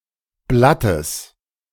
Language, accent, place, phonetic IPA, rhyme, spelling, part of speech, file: German, Germany, Berlin, [ˈblatəs], -atəs, Blattes, noun, De-Blattes.ogg
- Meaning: genitive singular of Blatt